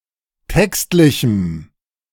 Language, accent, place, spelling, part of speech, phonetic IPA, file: German, Germany, Berlin, textlichem, adjective, [ˈtɛkstlɪçm̩], De-textlichem.ogg
- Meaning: strong dative masculine/neuter singular of textlich